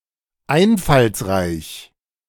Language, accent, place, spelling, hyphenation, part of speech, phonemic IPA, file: German, Germany, Berlin, einfallsreich, ein‧falls‧reich, adjective, /ˈaɪnfalsˌʁaɪç/, De-einfallsreich.ogg
- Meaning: imaginative, inventive, ingenious